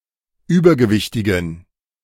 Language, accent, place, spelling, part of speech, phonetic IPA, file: German, Germany, Berlin, übergewichtigen, adjective, [ˈyːbɐɡəˌvɪçtɪɡn̩], De-übergewichtigen.ogg
- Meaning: inflection of übergewichtig: 1. strong genitive masculine/neuter singular 2. weak/mixed genitive/dative all-gender singular 3. strong/weak/mixed accusative masculine singular 4. strong dative plural